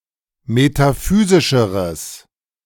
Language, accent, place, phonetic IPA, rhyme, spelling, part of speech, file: German, Germany, Berlin, [metaˈfyːzɪʃəʁəs], -yːzɪʃəʁəs, metaphysischeres, adjective, De-metaphysischeres.ogg
- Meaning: strong/mixed nominative/accusative neuter singular comparative degree of metaphysisch